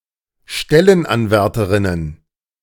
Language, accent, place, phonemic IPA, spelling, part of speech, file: German, Germany, Berlin, /ˈʃtɛlənˌanvɛʁtɐn/, Stellenanwärtern, noun, De-Stellenanwärtern.ogg
- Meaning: dative plural of Stellenanwärter